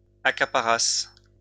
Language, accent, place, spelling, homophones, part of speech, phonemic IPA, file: French, France, Lyon, accaparasses, accaparasse / accaparassent, verb, /a.ka.pa.ʁas/, LL-Q150 (fra)-accaparasses.wav
- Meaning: second-person singular imperfect subjunctive of accaparer